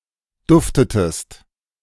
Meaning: inflection of duften: 1. second-person singular preterite 2. second-person singular subjunctive II
- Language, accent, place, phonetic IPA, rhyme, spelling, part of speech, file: German, Germany, Berlin, [ˈdʊftətəst], -ʊftətəst, duftetest, verb, De-duftetest.ogg